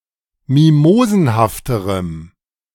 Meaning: strong dative masculine/neuter singular comparative degree of mimosenhaft
- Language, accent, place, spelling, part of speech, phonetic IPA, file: German, Germany, Berlin, mimosenhafterem, adjective, [ˈmimoːzn̩haftəʁəm], De-mimosenhafterem.ogg